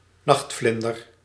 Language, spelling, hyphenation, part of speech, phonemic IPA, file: Dutch, nachtvlinder, nacht‧vlin‧der, noun, /ˈnɑxtˌflɪn.dər/, Nl-nachtvlinder.ogg
- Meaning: nocturnal moth (nocturnal insect of the order Lepidoptera)